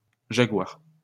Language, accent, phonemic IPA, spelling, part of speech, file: French, France, /ʒa.ɡwaʁ/, jaguars, noun, LL-Q150 (fra)-jaguars.wav
- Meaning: plural of jaguar